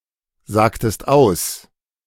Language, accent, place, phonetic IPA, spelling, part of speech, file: German, Germany, Berlin, [ˌzaːktəst ˈaʊ̯s], sagtest aus, verb, De-sagtest aus.ogg
- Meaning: inflection of aussagen: 1. second-person singular preterite 2. second-person singular subjunctive II